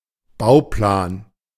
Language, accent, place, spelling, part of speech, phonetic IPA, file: German, Germany, Berlin, Bauplan, noun, [ˈbaʊ̯ˌplaːn], De-Bauplan.ogg
- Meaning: 1. building plan 2. bauplan